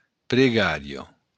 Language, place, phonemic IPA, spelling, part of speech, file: Occitan, Béarn, /pɾeˈɡaɾjo/, pregària, noun, LL-Q14185 (oci)-pregària.wav
- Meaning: prayer